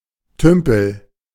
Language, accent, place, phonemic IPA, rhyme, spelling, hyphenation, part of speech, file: German, Germany, Berlin, /ˈtʏmpl̩/, -ʏmpl̩, Tümpel, Tüm‧pel, noun, De-Tümpel.ogg
- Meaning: shallow pond, pool